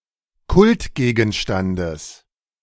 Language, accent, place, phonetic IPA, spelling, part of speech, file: German, Germany, Berlin, [ˈkʊltˌɡeːɡn̩ʃtant͡s], Kultgegenstands, noun, De-Kultgegenstands.ogg
- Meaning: genitive singular of Kultgegenstand